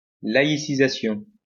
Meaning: laicization, secularization
- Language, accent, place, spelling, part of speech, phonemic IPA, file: French, France, Lyon, laïcisation, noun, /la.i.si.za.sjɔ̃/, LL-Q150 (fra)-laïcisation.wav